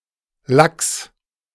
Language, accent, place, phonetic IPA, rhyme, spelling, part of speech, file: German, Germany, Berlin, [laks], -aks, Lacks, noun, De-Lacks.ogg
- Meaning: genitive singular of Lack